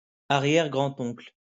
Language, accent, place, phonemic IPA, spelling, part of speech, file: French, France, Lyon, /a.ʁjɛʁ.ɡʁɑ̃.t‿ɔ̃kl/, arrière-grand-oncle, noun, LL-Q150 (fra)-arrière-grand-oncle.wav
- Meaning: great-granduncle